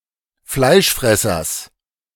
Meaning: genitive singular of Fleischfresser
- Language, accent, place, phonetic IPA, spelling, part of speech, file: German, Germany, Berlin, [ˈflaɪ̯ʃˌfʁɛsɐs], Fleischfressers, noun, De-Fleischfressers.ogg